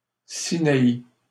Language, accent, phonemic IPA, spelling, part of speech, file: French, Canada, /si.na.i/, Sinaï, proper noun, LL-Q150 (fra)-Sinaï.wav
- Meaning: Sinai